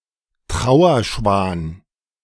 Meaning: black swan, Cygnus atratus (refers to the swan species collectively or to an individual swan) (male or of unspecified gender)
- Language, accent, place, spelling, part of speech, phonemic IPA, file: German, Germany, Berlin, Trauerschwan, noun, /ˈtʁaʊ̯ɐˌʃvaːn/, De-Trauerschwan.ogg